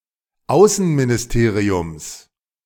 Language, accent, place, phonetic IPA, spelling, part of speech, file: German, Germany, Berlin, [ˈaʊ̯sn̩minɪsˌteːʁiʊms], Außenministeriums, noun, De-Außenministeriums.ogg
- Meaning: genitive singular of Außenministerium